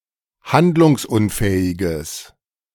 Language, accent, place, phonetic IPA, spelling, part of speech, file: German, Germany, Berlin, [ˈhandlʊŋsˌʔʊnfɛːɪɡəs], handlungsunfähiges, adjective, De-handlungsunfähiges.ogg
- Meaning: strong/mixed nominative/accusative neuter singular of handlungsunfähig